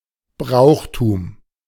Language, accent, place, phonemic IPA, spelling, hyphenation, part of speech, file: German, Germany, Berlin, /ˈbʁaʊ̯xˌtuːm/, Brauchtum, Brauch‧tum, noun, De-Brauchtum.ogg
- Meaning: 1. the whole of a region’s or social group’s popular customs, especially its festivals and rituals 2. the whole of a region’s or social group’s traditional culture, including its music, clothing, etc